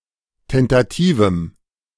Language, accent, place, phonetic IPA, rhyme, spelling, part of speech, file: German, Germany, Berlin, [ˌtɛntaˈtiːvm̩], -iːvm̩, tentativem, adjective, De-tentativem.ogg
- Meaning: strong dative masculine/neuter singular of tentativ